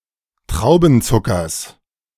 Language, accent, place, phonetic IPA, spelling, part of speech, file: German, Germany, Berlin, [ˈtʁaʊ̯bn̩ˌt͡sʊkɐs], Traubenzuckers, noun, De-Traubenzuckers.ogg
- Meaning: genitive singular of Traubenzucker